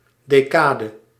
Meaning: 1. a décade, 'week' of ten days in the French republican calendar; hence any ten consecutive days 2. a set of ten book volumes, as part of a larger opus 3. a decade, period of ten years
- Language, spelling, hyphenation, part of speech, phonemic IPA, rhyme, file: Dutch, decade, de‧ca‧de, noun, /ˌdeːˈkaː.də/, -aːdə, Nl-decade.ogg